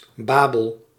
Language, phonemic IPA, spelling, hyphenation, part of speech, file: Dutch, /ˈbaː.bəl/, Babel, Ba‧bel, proper noun, Nl-Babel.ogg
- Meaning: Babylon (an ancient city, the ancient capital of Babylonia in modern Iraq, built on the banks of the Euphrates)